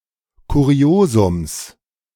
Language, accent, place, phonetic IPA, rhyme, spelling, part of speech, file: German, Germany, Berlin, [kuˈʁi̯oːzʊms], -oːzʊms, Kuriosums, noun, De-Kuriosums.ogg
- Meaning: genitive singular of Kuriosum